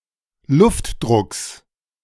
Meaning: genitive singular of Luftdruck
- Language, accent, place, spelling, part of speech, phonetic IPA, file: German, Germany, Berlin, Luftdrucks, noun, [ˈlʊftˌdʁʊks], De-Luftdrucks.ogg